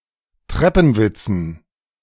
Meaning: dative plural of Treppenwitz
- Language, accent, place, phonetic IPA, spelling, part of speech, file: German, Germany, Berlin, [ˈtʁɛpn̩ˌvɪt͡sn̩], Treppenwitzen, noun, De-Treppenwitzen.ogg